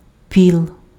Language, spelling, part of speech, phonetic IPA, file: Ukrainian, піл, noun, [pʲiɫ], Uk-піл.ogg
- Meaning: bunk in a peasant cottage, between the stove and the opposite wall